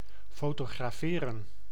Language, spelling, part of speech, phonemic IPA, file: Dutch, fotograferen, verb, /foːtoːɣraːˈfeːrə(n)/, Nl-fotograferen.ogg
- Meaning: to photograph, to shoot (to take a photograph)